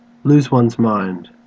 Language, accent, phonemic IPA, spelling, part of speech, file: English, Australia, /luːz wʌnz maɪnd/, lose one's mind, verb, En-au-lose one's mind.ogg
- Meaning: 1. To enter a strong negative mental state 2. To enter a strong negative mental state.: To become frustrated, angry 3. To enter a strong negative mental state.: To become crazy, insane, mad, psychotic